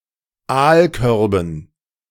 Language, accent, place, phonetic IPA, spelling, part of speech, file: German, Germany, Berlin, [ˈaːlˌkœʁbn̩], Aalkörben, noun, De-Aalkörben.ogg
- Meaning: dative plural of Aalkorb